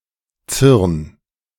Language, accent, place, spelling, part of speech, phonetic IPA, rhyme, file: German, Germany, Berlin, zürn, verb, [t͡sʏʁn], -ʏʁn, De-zürn.ogg
- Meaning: 1. singular imperative of zürnen 2. first-person singular present of zürnen